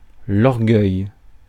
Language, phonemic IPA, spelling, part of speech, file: French, /ɔʁ.ɡœj/, orgueil, noun, Fr-orgueil.ogg
- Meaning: pride; pridefulness; haughtiness, arrogance